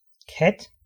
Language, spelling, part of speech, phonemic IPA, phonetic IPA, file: Danish, kat, noun, /kat/, [ˈkʰæ̝d̥], Da-kat.ogg
- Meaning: 1. cat 2. khat